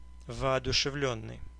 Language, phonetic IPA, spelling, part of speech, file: Russian, [vɐɐdʊʂɨˈvlʲɵnːɨj], воодушевлённый, verb / adjective, Ru-воодушевлённый.ogg
- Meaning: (verb) past passive perfective participle of воодушеви́ть (vooduševítʹ); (adjective) inspired, full of inspiration (experiencing inspiration; of a person)